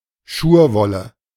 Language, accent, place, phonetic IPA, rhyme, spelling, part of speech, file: German, Germany, Berlin, [ˈʃuːɐ̯ˌvɔlə], -uːɐ̯vɔlə, Schurwolle, noun, De-Schurwolle.ogg
- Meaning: virgin wool